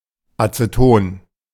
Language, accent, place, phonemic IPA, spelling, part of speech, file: German, Germany, Berlin, /atsəˈtoːn/, Azeton, noun, De-Azeton.ogg
- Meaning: alternative spelling of Aceton